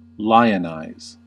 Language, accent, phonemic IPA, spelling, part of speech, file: English, US, /ˈlaɪənaɪz/, lionize, verb, En-us-lionize.ogg
- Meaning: 1. To treat (a person) as if they were important, or a celebrity 2. To visit (a famous place) in order to revere it